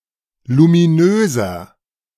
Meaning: 1. comparative degree of luminös 2. inflection of luminös: strong/mixed nominative masculine singular 3. inflection of luminös: strong genitive/dative feminine singular
- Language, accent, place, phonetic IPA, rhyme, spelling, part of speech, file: German, Germany, Berlin, [lumiˈnøːzɐ], -øːzɐ, luminöser, adjective, De-luminöser.ogg